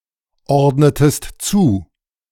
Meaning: inflection of zuordnen: 1. second-person singular preterite 2. second-person singular subjunctive II
- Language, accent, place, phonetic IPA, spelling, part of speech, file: German, Germany, Berlin, [ˌɔʁdnətəst ˈt͡suː], ordnetest zu, verb, De-ordnetest zu.ogg